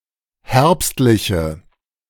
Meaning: inflection of herbstlich: 1. strong/mixed nominative/accusative feminine singular 2. strong nominative/accusative plural 3. weak nominative all-gender singular
- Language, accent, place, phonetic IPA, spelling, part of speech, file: German, Germany, Berlin, [ˈhɛʁpstlɪçə], herbstliche, adjective, De-herbstliche.ogg